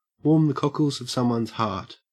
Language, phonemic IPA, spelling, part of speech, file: English, /woːm ðə ˈkɔk.əlz əv ˌsɐm.wənz ˈhɐːt/, warm the cockles of someone's heart, verb, En-au-warm the cockles of someone's heart.ogg
- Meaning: Especially of food or drink (particularly an alcoholic beverage): to cause someone to feel deeply warm and comfortable; to comfort, to satisfy